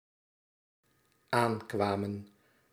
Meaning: inflection of aankomen: 1. plural dependent-clause past indicative 2. plural dependent-clause past subjunctive
- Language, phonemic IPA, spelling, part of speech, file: Dutch, /ˈaŋkwamə(n)/, aankwamen, verb, Nl-aankwamen.ogg